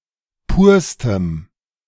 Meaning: strong dative masculine/neuter singular superlative degree of pur
- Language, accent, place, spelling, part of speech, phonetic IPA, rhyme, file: German, Germany, Berlin, purstem, adjective, [ˈpuːɐ̯stəm], -uːɐ̯stəm, De-purstem.ogg